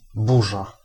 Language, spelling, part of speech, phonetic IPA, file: Polish, burza, noun, [ˈbuʒa], Pl-burza.ogg